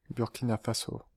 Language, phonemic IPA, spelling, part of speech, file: French, /buʁ.ki.na fa.so/, Burkina Faso, proper noun, Fr-Burkina Faso.ogg
- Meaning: Burkina Faso (a country in West Africa, formerly Upper Volta)